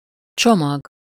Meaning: 1. package, bundle (something which is wrapped up or packed) 2. luggage, baggage (bags and other containers that hold a traveller’s belongings)
- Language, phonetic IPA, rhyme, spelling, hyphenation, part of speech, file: Hungarian, [ˈt͡ʃomɒɡ], -ɒɡ, csomag, cso‧mag, noun, Hu-csomag.ogg